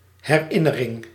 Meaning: 1. a memory, something that one remembers 2. the act of remembering 3. a reminder, something that reminds one about something 4. a souvenir, a keepsake
- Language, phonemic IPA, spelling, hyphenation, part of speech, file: Dutch, /ˌɦɛˈrɪ.nə.rɪŋ/, herinnering, her‧in‧ne‧ring, noun, Nl-herinnering.ogg